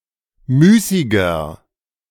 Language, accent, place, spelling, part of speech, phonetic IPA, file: German, Germany, Berlin, müßiger, adjective, [ˈmyːsɪɡɐ], De-müßiger.ogg
- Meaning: 1. comparative degree of müßig 2. inflection of müßig: strong/mixed nominative masculine singular 3. inflection of müßig: strong genitive/dative feminine singular